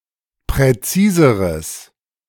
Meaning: 1. strong/mixed nominative/accusative neuter singular comparative degree of präzis 2. strong/mixed nominative/accusative neuter singular comparative degree of präzise
- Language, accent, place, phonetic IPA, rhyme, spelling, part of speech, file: German, Germany, Berlin, [pʁɛˈt͡siːzəʁəs], -iːzəʁəs, präziseres, adjective, De-präziseres.ogg